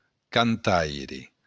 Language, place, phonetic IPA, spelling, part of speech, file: Occitan, Béarn, [kanˈtajɾe], cantaire, noun, LL-Q14185 (oci)-cantaire.wav
- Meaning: singer